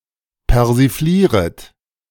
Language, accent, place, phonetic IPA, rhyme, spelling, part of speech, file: German, Germany, Berlin, [pɛʁziˈfliːʁət], -iːʁət, persiflieret, verb, De-persiflieret.ogg
- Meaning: second-person plural subjunctive I of persiflieren